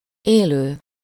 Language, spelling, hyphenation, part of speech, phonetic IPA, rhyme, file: Hungarian, élő, élő, verb / adjective / noun, [ˈeːløː], -løː, Hu-élő.ogg
- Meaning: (verb) present participle of él; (adjective) 1. living, alive, live 2. living (in use or existing) 3. live; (noun) living (person)